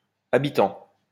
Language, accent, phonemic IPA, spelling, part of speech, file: French, France, /a.bi.tɑ̃/, habitants, noun, LL-Q150 (fra)-habitants.wav
- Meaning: plural of habitant